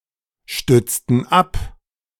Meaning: inflection of abstützen: 1. first/third-person plural preterite 2. first/third-person plural subjunctive II
- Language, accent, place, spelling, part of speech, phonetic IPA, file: German, Germany, Berlin, stützten ab, verb, [ˌʃtʏt͡stn̩ ˈap], De-stützten ab.ogg